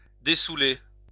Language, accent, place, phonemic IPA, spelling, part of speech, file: French, France, Lyon, /de.su.le/, dessaouler, verb, LL-Q150 (fra)-dessaouler.wav
- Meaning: Pre-1990 spelling of dessouler